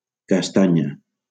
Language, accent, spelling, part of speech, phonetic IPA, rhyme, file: Catalan, Valencia, castanya, noun / adjective, [kasˈta.ɲa], -aɲa, LL-Q7026 (cat)-castanya.wav
- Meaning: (noun) 1. chestnut (nut) 2. hit, collision; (adjective) feminine singular of castany